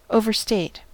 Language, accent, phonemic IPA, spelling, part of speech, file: English, US, /ˌoʊ.vɚˈsteɪt/, overstate, verb, En-us-overstate.ogg
- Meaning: 1. To state or claim too much 2. To exaggerate; to state or claim to a greater degree than reality